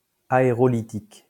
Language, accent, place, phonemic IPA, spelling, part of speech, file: French, France, Lyon, /a.e.ʁɔ.li.tik/, aérolithique, adjective, LL-Q150 (fra)-aérolithique.wav
- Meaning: aerolithic, aerolitic